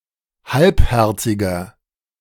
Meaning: 1. comparative degree of halbherzig 2. inflection of halbherzig: strong/mixed nominative masculine singular 3. inflection of halbherzig: strong genitive/dative feminine singular
- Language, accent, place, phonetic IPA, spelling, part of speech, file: German, Germany, Berlin, [ˈhalpˌhɛʁt͡sɪɡɐ], halbherziger, adjective, De-halbherziger.ogg